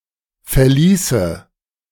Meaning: first/third-person singular subjunctive II of verlassen
- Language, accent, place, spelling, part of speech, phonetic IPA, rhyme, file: German, Germany, Berlin, verließe, verb, [fɛɐ̯ˈliːsə], -iːsə, De-verließe.ogg